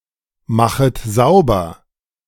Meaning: second-person plural subjunctive I of saubermachen
- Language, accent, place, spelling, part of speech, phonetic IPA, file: German, Germany, Berlin, machet sauber, verb, [ˌmaxət ˈzaʊ̯bɐ], De-machet sauber.ogg